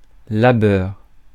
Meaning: toil
- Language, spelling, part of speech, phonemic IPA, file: French, labeur, noun, /la.bœʁ/, Fr-labeur.ogg